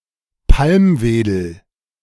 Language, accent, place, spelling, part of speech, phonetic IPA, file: German, Germany, Berlin, Palmwedel, noun, [ˈpalmˌveːdl̩], De-Palmwedel.ogg
- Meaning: palm frond, palm branch